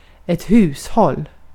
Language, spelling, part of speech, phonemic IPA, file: Swedish, hushåll, noun, /ˈhʉsˌhɔl/, Sv-hushåll.ogg
- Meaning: 1. a household, a home 2. household (household work, domestic work)